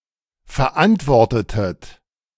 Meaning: inflection of verantworten: 1. second-person plural preterite 2. second-person plural subjunctive II
- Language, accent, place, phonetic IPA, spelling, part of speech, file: German, Germany, Berlin, [fɛɐ̯ˈʔantvɔʁtətət], verantwortetet, verb, De-verantwortetet.ogg